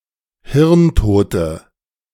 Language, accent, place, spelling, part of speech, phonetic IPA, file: German, Germany, Berlin, hirntote, adjective, [ˈhɪʁnˌtoːtə], De-hirntote.ogg
- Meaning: inflection of hirntot: 1. strong/mixed nominative/accusative feminine singular 2. strong nominative/accusative plural 3. weak nominative all-gender singular 4. weak accusative feminine/neuter singular